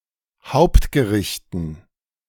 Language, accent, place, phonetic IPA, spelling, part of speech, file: German, Germany, Berlin, [ˈhaʊ̯ptɡəˌʁɪçtn̩], Hauptgerichten, noun, De-Hauptgerichten.ogg
- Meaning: dative plural of Hauptgericht